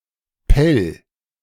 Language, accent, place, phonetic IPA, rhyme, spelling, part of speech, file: German, Germany, Berlin, [pɛl], -ɛl, pell, verb, De-pell.ogg
- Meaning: 1. singular imperative of pellen 2. first-person singular present of pellen